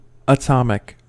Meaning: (adjective) 1. Of or relating to atoms; composed of atoms; monatomic 2. Employing or relating to nuclear energy or processes
- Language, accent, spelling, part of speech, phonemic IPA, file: English, US, atomic, adjective / noun, /əˈtɑː.mɪk/, En-us-atomic.ogg